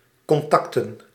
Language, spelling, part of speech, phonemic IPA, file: Dutch, contacten, noun, /kɔnˈtɑktə(n)/, Nl-contacten.ogg
- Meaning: plural of contact